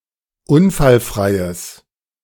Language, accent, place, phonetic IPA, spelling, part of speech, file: German, Germany, Berlin, [ˈʊnfalˌfʁaɪ̯əs], unfallfreies, adjective, De-unfallfreies.ogg
- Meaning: strong/mixed nominative/accusative neuter singular of unfallfrei